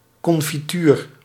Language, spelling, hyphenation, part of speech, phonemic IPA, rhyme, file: Dutch, confituur, con‧fi‧tuur, noun, /ˌkɔn.fiˈtyːr/, -yːr, Nl-confituur.ogg
- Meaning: 1. jam, marmalade (congealed sweet mixture of conserved fruits) 2. sugar-preserved confited fruits